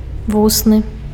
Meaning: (adjective) oral, spoken; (noun) mouth; lips
- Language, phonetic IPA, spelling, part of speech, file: Belarusian, [ˈvusnɨ], вусны, adjective / noun, Be-вусны.ogg